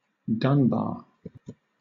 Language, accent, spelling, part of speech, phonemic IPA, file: English, Southern England, dun-bar, noun, /ˈdʌnbɑː(ɹ)/, LL-Q1860 (eng)-dun-bar.wav
- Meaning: A moth of species Cosmia trapezina, found in parts of Europe